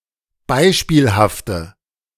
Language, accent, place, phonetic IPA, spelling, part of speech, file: German, Germany, Berlin, [ˈbaɪ̯ʃpiːlhaftə], beispielhafte, adjective, De-beispielhafte.ogg
- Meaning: inflection of beispielhaft: 1. strong/mixed nominative/accusative feminine singular 2. strong nominative/accusative plural 3. weak nominative all-gender singular